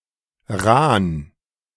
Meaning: slim, skinny
- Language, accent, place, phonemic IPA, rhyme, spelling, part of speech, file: German, Germany, Berlin, /ʁaːn/, -aːn, rahn, adjective, De-rahn.ogg